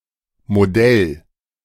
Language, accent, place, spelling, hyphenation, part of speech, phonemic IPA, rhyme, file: German, Germany, Berlin, Modell, Mo‧dell, noun, /moˈdɛl/, -ɛl, De-Modell.ogg
- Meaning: 1. A model of an object 2. A theoretical model 3. model